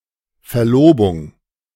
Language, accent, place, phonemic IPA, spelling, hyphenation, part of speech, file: German, Germany, Berlin, /ˌfɛɐ̯ˈloːbʊŋ/, Verlobung, Ver‧lo‧bung, noun, De-Verlobung.ogg
- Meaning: engagement, betrothal (a promise to wed)